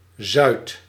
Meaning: 1. south 2. southwards
- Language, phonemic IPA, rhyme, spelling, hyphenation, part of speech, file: Dutch, /zœy̯t/, -œy̯t, zuid, zuid, adverb, Nl-zuid.ogg